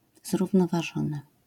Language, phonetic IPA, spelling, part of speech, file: Polish, [ˌzruvnɔvaˈʒɔ̃nɨ], zrównoważony, adjective / verb, LL-Q809 (pol)-zrównoważony.wav